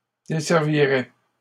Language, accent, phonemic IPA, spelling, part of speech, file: French, Canada, /de.sɛʁ.vi.ʁɛ/, desserviraient, verb, LL-Q150 (fra)-desserviraient.wav
- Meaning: third-person plural conditional of desservir